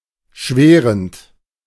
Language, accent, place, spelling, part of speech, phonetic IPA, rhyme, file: German, Germany, Berlin, schwärend, verb, [ˈʃvɛːʁənt], -ɛːʁənt, De-schwärend.ogg
- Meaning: present participle of schwären